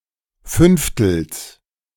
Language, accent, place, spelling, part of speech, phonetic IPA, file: German, Germany, Berlin, Fünftels, noun, [ˈfʏnftl̩s], De-Fünftels.ogg
- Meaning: genitive singular of Fünftel